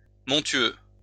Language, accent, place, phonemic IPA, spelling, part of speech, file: French, France, Lyon, /mɔ̃.tɥø/, montueux, adjective, LL-Q150 (fra)-montueux.wav
- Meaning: hilly